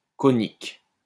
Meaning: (adjective) conical; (noun) conic section
- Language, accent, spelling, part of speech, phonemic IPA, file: French, France, conique, adjective / noun, /kɔ.nik/, LL-Q150 (fra)-conique.wav